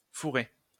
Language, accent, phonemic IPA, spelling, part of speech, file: French, France, /fu.ʁe/, fourré, verb / noun, LL-Q150 (fra)-fourré.wav
- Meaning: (verb) past participle of fourrer; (noun) thicket